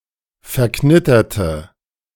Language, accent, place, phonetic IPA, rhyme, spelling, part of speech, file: German, Germany, Berlin, [fɛɐ̯ˈknɪtɐtə], -ɪtɐtə, verknitterte, adjective / verb, De-verknitterte.ogg
- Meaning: inflection of verknittert: 1. strong/mixed nominative/accusative feminine singular 2. strong nominative/accusative plural 3. weak nominative all-gender singular